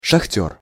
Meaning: 1. miner, pitman (a person who works in a mine) 2. someone from the Donbass region
- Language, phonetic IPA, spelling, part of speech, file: Russian, [ʂɐxˈtʲɵr], шахтёр, noun, Ru-шахтёр.ogg